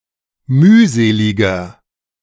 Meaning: 1. comparative degree of mühselig 2. inflection of mühselig: strong/mixed nominative masculine singular 3. inflection of mühselig: strong genitive/dative feminine singular
- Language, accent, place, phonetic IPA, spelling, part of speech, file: German, Germany, Berlin, [ˈmyːˌzeːlɪɡɐ], mühseliger, adjective, De-mühseliger.ogg